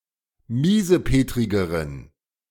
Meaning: inflection of miesepetrig: 1. strong genitive masculine/neuter singular comparative degree 2. weak/mixed genitive/dative all-gender singular comparative degree
- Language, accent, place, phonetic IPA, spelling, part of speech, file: German, Germany, Berlin, [ˈmiːzəˌpeːtʁɪɡəʁən], miesepetrigeren, adjective, De-miesepetrigeren.ogg